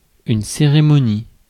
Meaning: ceremony
- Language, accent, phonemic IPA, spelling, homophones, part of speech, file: French, France, /se.ʁe.mɔ.ni/, cérémonie, cérémonies, noun, Fr-cérémonie.ogg